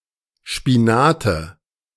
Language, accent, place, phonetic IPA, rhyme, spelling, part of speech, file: German, Germany, Berlin, [ˌʃpiˈnaːtə], -aːtə, Spinate, noun, De-Spinate.ogg
- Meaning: nominative/accusative/genitive plural of Spinat